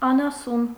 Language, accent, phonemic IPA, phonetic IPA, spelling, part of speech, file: Armenian, Eastern Armenian, /ɑnɑˈsun/, [ɑnɑsún], անասուն, noun, Hy-անասուն.ogg
- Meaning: 1. animal, beast (usually a farm animal) 2. brute, beast (used as a generic insult) 3. child (not yet capable of speech)